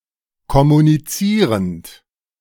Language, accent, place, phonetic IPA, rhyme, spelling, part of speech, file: German, Germany, Berlin, [kɔmuniˈt͡siːʁənt], -iːʁənt, kommunizierend, verb, De-kommunizierend.ogg
- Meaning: present participle of kommunizieren